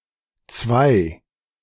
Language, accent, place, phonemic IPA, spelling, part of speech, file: German, Germany, Berlin, /t͡svaɪ/, Zwei, noun, De-Zwei.ogg
- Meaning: 1. two (digit or figure) 2. an academic grade indicating "good", corresponding roughly to a B in English-speaking countries